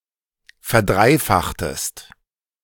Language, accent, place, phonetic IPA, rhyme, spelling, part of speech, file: German, Germany, Berlin, [fɛɐ̯ˈdʁaɪ̯ˌfaxtəst], -aɪ̯faxtəst, verdreifachtest, verb, De-verdreifachtest.ogg
- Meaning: inflection of verdreifachen: 1. second-person singular preterite 2. second-person singular subjunctive II